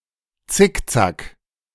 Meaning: zigzag
- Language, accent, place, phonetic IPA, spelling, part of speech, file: German, Germany, Berlin, [ˈt͡sɪkˌt͡sak], Zickzack, noun, De-Zickzack.ogg